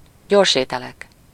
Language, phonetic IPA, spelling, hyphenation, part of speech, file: Hungarian, [ˈɟorʃeːtɛlɛk], gyorsételek, gyors‧éte‧lek, noun, Hu-gyorsételek.ogg
- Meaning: nominative plural of gyorsétel